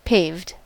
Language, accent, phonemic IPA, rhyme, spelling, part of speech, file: English, US, /peɪvd/, -eɪvd, paved, adjective / verb, En-us-paved.ogg
- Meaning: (adjective) 1. Covered in pavement; having a hard surface, as of concrete or asphalt 2. Laid out or made, as intentions, desires, plans, etc; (verb) simple past and past participle of pave